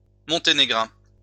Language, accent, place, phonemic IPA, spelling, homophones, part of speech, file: French, France, Lyon, /mɔ̃.te.ne.ɡʁɛ̃/, monténégrin, monténégrins, adjective / proper noun, LL-Q150 (fra)-monténégrin.wav
- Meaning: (adjective) Montenegrin; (proper noun) Montenegrin (language)